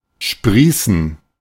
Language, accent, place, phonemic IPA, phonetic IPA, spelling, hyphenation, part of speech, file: German, Germany, Berlin, /ˈʃpʁiːsən/, [ˈʃpʁiːsn̩], sprießen, sprie‧ßen, verb, De-sprießen.ogg
- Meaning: to sprout